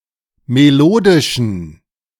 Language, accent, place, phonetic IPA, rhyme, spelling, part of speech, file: German, Germany, Berlin, [meˈloːdɪʃn̩], -oːdɪʃn̩, melodischen, adjective, De-melodischen.ogg
- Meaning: inflection of melodisch: 1. strong genitive masculine/neuter singular 2. weak/mixed genitive/dative all-gender singular 3. strong/weak/mixed accusative masculine singular 4. strong dative plural